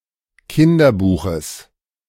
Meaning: genitive singular of Kinderbuch
- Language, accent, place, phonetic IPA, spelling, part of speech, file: German, Germany, Berlin, [ˈkɪndɐˌbuːxəs], Kinderbuches, noun, De-Kinderbuches.ogg